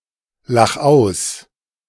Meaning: 1. singular imperative of auslachen 2. first-person singular present of auslachen
- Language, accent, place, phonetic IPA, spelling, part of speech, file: German, Germany, Berlin, [ˌlax ˈaʊ̯s], lach aus, verb, De-lach aus.ogg